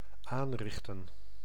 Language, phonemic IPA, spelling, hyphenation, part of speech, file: Dutch, /ˈaːnˌrɪx.tə(n)/, aanrichten, aan‧rich‧ten, verb, Nl-aanrichten.ogg
- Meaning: 1. to cause, to inflict, to wreak 2. to prepare, to cause